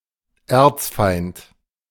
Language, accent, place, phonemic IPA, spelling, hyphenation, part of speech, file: German, Germany, Berlin, /ˈɛɐ̯t͡sˌfaɪ̯nt/, Erzfeind, Erz‧feind, noun, De-Erzfeind.ogg
- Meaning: archenemy, archfiend, archfoe, nemesis (male or of unspecified gender)